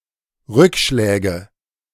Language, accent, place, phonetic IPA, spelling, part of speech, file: German, Germany, Berlin, [ˈʁʏkˌʃlɛːɡə], Rückschläge, noun, De-Rückschläge.ogg
- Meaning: nominative/accusative/genitive plural of Rückschlag